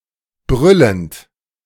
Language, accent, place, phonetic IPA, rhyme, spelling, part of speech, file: German, Germany, Berlin, [ˈbʁʏlənt], -ʏlənt, brüllend, verb, De-brüllend.ogg
- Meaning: present participle of brüllen